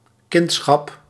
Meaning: the state of being someone's child (mostly used in religious, especially Christian, contexts)
- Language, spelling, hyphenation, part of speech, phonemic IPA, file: Dutch, kindschap, kind‧schap, noun, /ˈkɪnt.sxɑp/, Nl-kindschap.ogg